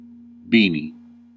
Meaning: A cap that fits the head closely, usually knitted from wool
- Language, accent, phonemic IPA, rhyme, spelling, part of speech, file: English, US, /ˈbiː.ni/, -iːni, beanie, noun, En-us-beanie.ogg